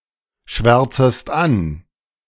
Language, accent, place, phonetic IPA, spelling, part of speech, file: German, Germany, Berlin, [ˌʃvɛʁt͡səst ˈan], schwärzest an, verb, De-schwärzest an.ogg
- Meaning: second-person singular subjunctive I of anschwärzen